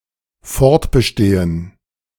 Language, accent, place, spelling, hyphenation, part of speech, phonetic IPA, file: German, Germany, Berlin, fortbestehen, fort‧be‧ste‧hen, verb, [ˈfɔʁtbəˌʃteːən], De-fortbestehen.ogg
- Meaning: to linger, to survive